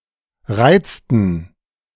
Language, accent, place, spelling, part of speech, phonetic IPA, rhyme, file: German, Germany, Berlin, reizten, verb, [ˈʁaɪ̯t͡stn̩], -aɪ̯t͡stn̩, De-reizten.ogg
- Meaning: inflection of reizen: 1. first/third-person plural preterite 2. first/third-person plural subjunctive II